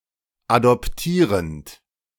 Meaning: present participle of adoptieren
- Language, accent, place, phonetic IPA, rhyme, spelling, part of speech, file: German, Germany, Berlin, [adɔpˈtiːʁənt], -iːʁənt, adoptierend, verb, De-adoptierend.ogg